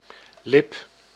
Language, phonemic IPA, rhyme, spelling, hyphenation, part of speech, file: Dutch, /lɪp/, -ɪp, lip, lip, noun, Nl-lip.ogg
- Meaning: 1. lip (part of the mouth) 2. lip (of a container)